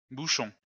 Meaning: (noun) plural of bouchon; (verb) inflection of boucher: 1. first-person plural present indicative 2. first-person plural imperative
- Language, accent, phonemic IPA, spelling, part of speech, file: French, France, /bu.ʃɔ̃/, bouchons, noun / verb, LL-Q150 (fra)-bouchons.wav